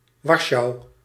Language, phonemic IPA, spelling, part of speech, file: Dutch, /ˈʋɑrʃɑu̯/, Warschau, proper noun, Nl-Warschau.ogg
- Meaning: Warsaw (the capital city of Poland)